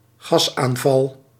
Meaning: a poison gas attack
- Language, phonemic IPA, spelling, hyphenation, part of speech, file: Dutch, /ˈɣɑs.aːnˌvɑl/, gasaanval, gas‧aan‧val, noun, Nl-gasaanval.ogg